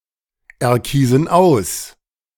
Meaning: inflection of auserkiesen: 1. first/third-person plural present 2. first/third-person plural subjunctive I
- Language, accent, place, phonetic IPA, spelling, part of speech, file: German, Germany, Berlin, [ɛɐ̯ˌkiːzn̩ ˈaʊ̯s], erkiesen aus, verb, De-erkiesen aus.ogg